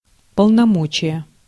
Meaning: 1. authorization (formal sanction, permission or warrant) 2. authority, power
- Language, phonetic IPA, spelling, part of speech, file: Russian, [pəɫnɐˈmot͡ɕɪje], полномочие, noun, Ru-полномочие.ogg